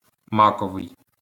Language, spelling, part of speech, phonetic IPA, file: Ukrainian, маковий, adjective, [ˈmakɔʋei̯], LL-Q8798 (ukr)-маковий.wav
- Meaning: 1. poppy 2. poppy (color)